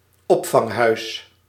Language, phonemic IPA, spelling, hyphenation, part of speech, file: Dutch, /ˈɔp.fɑŋˌɦœy̯s/, opvanghuis, op‧vang‧huis, noun, Nl-opvanghuis.ogg
- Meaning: a shelter, a building where people or animals who are threatened, victimised or homeless are (temporarily) housed